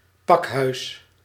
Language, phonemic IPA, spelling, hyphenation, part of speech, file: Dutch, /ˈpɑkhœys/, pakhuis, pak‧huis, noun, Nl-pakhuis.ogg
- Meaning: warehouse